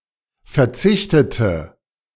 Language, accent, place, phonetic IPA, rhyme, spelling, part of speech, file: German, Germany, Berlin, [fɛɐ̯ˈt͡sɪçtətə], -ɪçtətə, verzichtete, adjective / verb, De-verzichtete.ogg
- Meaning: inflection of verzichten: 1. first/third-person singular preterite 2. first/third-person singular subjunctive II